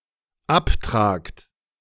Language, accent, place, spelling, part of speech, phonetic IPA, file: German, Germany, Berlin, abtragt, verb, [ˈapˌtʁaːkt], De-abtragt.ogg
- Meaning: second-person plural dependent present of abtragen